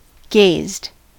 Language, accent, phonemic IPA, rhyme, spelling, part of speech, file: English, US, /ɡeɪzd/, -eɪzd, gazed, verb, En-us-gazed.ogg
- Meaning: simple past and past participle of gaze